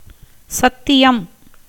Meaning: 1. promise, oath 2. truth, veracity 3. sermon
- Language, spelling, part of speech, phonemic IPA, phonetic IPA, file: Tamil, சத்தியம், noun, /tʃɐt̪ːɪjɐm/, [sɐt̪ːɪjɐm], Ta-சத்தியம்.ogg